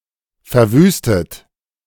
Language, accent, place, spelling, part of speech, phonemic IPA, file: German, Germany, Berlin, verwüstet, verb / adjective, /fɛɐ̯ˈvyːstət/, De-verwüstet.ogg
- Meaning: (verb) past participle of verwüsten; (adjective) devastated, ravaged; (verb) inflection of verwüsten: 1. third-person singular present 2. second-person plural present 3. plural imperative